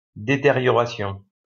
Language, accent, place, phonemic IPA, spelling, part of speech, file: French, France, Lyon, /de.te.ʁjɔ.ʁa.sjɔ̃/, détérioration, noun, LL-Q150 (fra)-détérioration.wav
- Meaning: deterioration